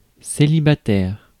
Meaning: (adjective) single (without a life partner); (noun) a single (person who is single)
- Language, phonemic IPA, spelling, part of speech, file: French, /se.li.ba.tɛʁ/, célibataire, adjective / noun, Fr-célibataire.ogg